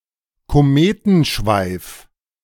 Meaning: tail of a comet
- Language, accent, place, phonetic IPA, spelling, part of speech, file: German, Germany, Berlin, [koˈmeːtn̩ˌʃvaɪ̯f], Kometenschweif, noun, De-Kometenschweif.ogg